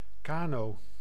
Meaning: canoe (a small long and narrow boat)
- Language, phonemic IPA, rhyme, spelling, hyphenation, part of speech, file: Dutch, /ˈkaː.noː/, -aːnoː, kano, ka‧no, noun, Nl-kano.ogg